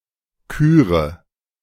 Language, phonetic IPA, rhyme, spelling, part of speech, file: German, [ˈkyːʁə], -yːʁə, küre, verb, De-küre.oga
- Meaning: inflection of küren: 1. first-person singular present 2. first/third-person singular subjunctive I 3. singular imperative